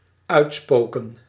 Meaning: to be up to (usually negative)
- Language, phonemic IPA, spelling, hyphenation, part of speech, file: Dutch, /ˈœy̯tˌspoː.kə(n)/, uitspoken, uit‧spo‧ken, verb, Nl-uitspoken.ogg